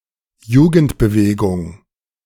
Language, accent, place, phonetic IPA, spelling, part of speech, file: German, Germany, Berlin, [ˈjuːɡn̩tbəˌveːɡʊŋ], Jugendbewegung, noun, De-Jugendbewegung.ogg
- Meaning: youth movement